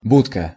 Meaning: 1. kennel, doghouse 2. booth, cabin, kiosk, box (very small building) 3. small police facility (during pre-revolutionary Russia)
- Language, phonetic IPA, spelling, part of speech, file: Russian, [ˈbutkə], будка, noun, Ru-будка.ogg